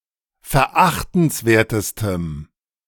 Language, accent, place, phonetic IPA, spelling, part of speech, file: German, Germany, Berlin, [fɛɐ̯ˈʔaxtn̩sˌveːɐ̯təstəm], verachtenswertestem, adjective, De-verachtenswertestem.ogg
- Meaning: strong dative masculine/neuter singular superlative degree of verachtenswert